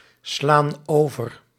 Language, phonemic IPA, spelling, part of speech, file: Dutch, /ˈslan ˈovər/, slaan over, verb, Nl-slaan over.ogg
- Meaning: inflection of overslaan: 1. plural present indicative 2. plural present subjunctive